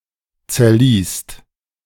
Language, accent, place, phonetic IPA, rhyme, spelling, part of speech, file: German, Germany, Berlin, [t͡sɛɐ̯ˈliːst], -iːst, zerliest, verb, De-zerliest.ogg
- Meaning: second/third-person singular present of zerlesen